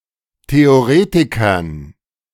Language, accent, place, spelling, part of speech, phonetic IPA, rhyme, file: German, Germany, Berlin, Theoretikern, noun, [teoˈʁeːtɪkɐn], -eːtɪkɐn, De-Theoretikern.ogg
- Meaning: dative plural of Theoretiker